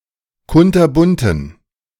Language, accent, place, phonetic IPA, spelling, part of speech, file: German, Germany, Berlin, [ˈkʊntɐˌbʊntn̩], kunterbunten, adjective, De-kunterbunten.ogg
- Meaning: inflection of kunterbunt: 1. strong genitive masculine/neuter singular 2. weak/mixed genitive/dative all-gender singular 3. strong/weak/mixed accusative masculine singular 4. strong dative plural